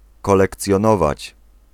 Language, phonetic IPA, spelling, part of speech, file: Polish, [ˌkɔlɛkt͡sʲjɔ̃ˈnɔvat͡ɕ], kolekcjonować, verb, Pl-kolekcjonować.ogg